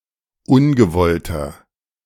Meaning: 1. comparative degree of ungewollt 2. inflection of ungewollt: strong/mixed nominative masculine singular 3. inflection of ungewollt: strong genitive/dative feminine singular
- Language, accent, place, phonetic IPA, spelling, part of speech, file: German, Germany, Berlin, [ˈʊnɡəˌvɔltɐ], ungewollter, adjective, De-ungewollter.ogg